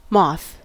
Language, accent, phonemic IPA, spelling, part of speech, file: English, US, /mɔθ/, moth, noun / verb, En-us-moth.ogg
- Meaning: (noun) Any flying insect of the order Lepidoptera not in the superfamily Papilionoidea, most species of which are nocturnal and can be distinguished from butterflies by feather-like antennae